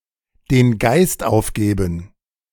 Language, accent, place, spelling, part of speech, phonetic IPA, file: German, Germany, Berlin, den Geist aufgeben, phrase, [deːn ɡaɪ̯st ˈʔaʊ̯fɡeːbn̩], De-den Geist aufgeben.ogg
- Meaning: to give up the ghost